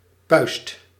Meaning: pimple, boil, pustule
- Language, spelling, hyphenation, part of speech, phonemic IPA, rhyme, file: Dutch, puist, puist, noun, /pœy̯st/, -œy̯st, Nl-puist.ogg